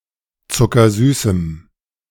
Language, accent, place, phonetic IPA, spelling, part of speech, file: German, Germany, Berlin, [t͡sʊkɐˈzyːsm̩], zuckersüßem, adjective, De-zuckersüßem.ogg
- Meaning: strong dative masculine/neuter singular of zuckersüß